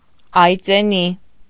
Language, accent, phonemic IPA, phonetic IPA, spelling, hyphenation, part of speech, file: Armenian, Eastern Armenian, /ɑjt͡seˈni/, [ɑjt͡sení], այծենի, այ‧ծե‧նի, adjective / noun, Hy-այծենի.ogg
- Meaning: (adjective) made of goat's hair; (noun) 1. goat's hair 2. clothing made of goat's hair